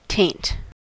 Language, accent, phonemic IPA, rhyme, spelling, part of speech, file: English, US, /teɪnt/, -eɪnt, taint, noun / verb / contraction, En-us-taint.ogg
- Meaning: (noun) 1. A contamination, decay or putrefaction, especially in food 2. A tinge, trace or touch 3. A mark of disgrace, especially on one's character; blemish 4. Tincture; hue; colour